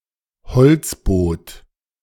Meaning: present participle of beziffern
- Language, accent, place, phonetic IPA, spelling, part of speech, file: German, Germany, Berlin, [bəˈt͡sɪfɐnt], beziffernd, verb, De-beziffernd.ogg